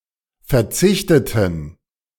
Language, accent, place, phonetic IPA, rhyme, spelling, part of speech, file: German, Germany, Berlin, [fɛɐ̯ˈt͡sɪçtətn̩], -ɪçtətn̩, verzichteten, adjective / verb, De-verzichteten.ogg
- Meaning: inflection of verzichten: 1. first/third-person plural preterite 2. first/third-person plural subjunctive II